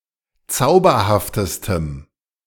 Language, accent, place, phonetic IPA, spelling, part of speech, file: German, Germany, Berlin, [ˈt͡saʊ̯bɐhaftəstəm], zauberhaftestem, adjective, De-zauberhaftestem.ogg
- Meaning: strong dative masculine/neuter singular superlative degree of zauberhaft